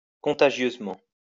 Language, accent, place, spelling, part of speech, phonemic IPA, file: French, France, Lyon, contagieusement, adverb, /kɔ̃.ta.ʒjøz.mɑ̃/, LL-Q150 (fra)-contagieusement.wav
- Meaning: contagiously